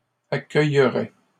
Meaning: first/second-person singular conditional of accueillir
- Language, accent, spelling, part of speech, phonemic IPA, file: French, Canada, accueillerais, verb, /a.kœj.ʁɛ/, LL-Q150 (fra)-accueillerais.wav